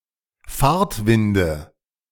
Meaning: nominative/accusative/genitive plural of Fahrtwind
- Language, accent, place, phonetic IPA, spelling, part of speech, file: German, Germany, Berlin, [ˈfaːɐ̯tˌvɪndə], Fahrtwinde, noun, De-Fahrtwinde.ogg